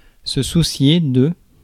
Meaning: 1. to worry 2. to worry (experience or feel worry)
- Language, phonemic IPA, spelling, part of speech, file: French, /su.sje/, soucier, verb, Fr-soucier.ogg